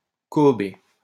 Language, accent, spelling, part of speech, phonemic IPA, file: French, France, cohober, verb, /kɔ.ɔ.be/, LL-Q150 (fra)-cohober.wav
- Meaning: to cohobate